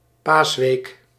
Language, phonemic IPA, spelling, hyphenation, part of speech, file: Dutch, /ˈpaːs.ʋeːk/, paasweek, paas‧week, noun, Nl-paasweek.ogg
- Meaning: 1. Easter Week 2. Holy Week